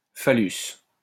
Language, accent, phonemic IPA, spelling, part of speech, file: French, France, /fa.lys/, phallus, noun, LL-Q150 (fra)-phallus.wav
- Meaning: phallus